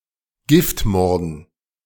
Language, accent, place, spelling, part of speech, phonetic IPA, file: German, Germany, Berlin, Giftmorden, noun, [ˈɡɪftˌmɔʁdn̩], De-Giftmorden.ogg
- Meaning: dative plural of Giftmord